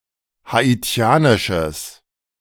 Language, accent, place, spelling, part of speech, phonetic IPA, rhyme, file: German, Germany, Berlin, haitianisches, adjective, [haˌiˈt͡si̯aːnɪʃəs], -aːnɪʃəs, De-haitianisches.ogg
- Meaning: strong/mixed nominative/accusative neuter singular of haitianisch